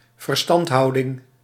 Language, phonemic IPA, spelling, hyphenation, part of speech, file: Dutch, /vərˈstɑnthɑudɪŋ/, verstandhouding, ver‧stand‧hou‧ding, noun, Nl-verstandhouding.ogg
- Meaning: understanding (relation between persons: i.e. "get-alongness")